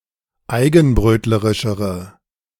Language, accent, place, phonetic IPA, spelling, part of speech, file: German, Germany, Berlin, [ˈaɪ̯ɡn̩ˌbʁøːtləʁɪʃəʁə], eigenbrötlerischere, adjective, De-eigenbrötlerischere.ogg
- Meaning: inflection of eigenbrötlerisch: 1. strong/mixed nominative/accusative feminine singular comparative degree 2. strong nominative/accusative plural comparative degree